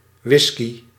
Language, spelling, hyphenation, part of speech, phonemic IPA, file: Dutch, whiskey, whis‧key, noun, /ˈʋɪski/, Nl-whiskey.ogg
- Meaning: whiskey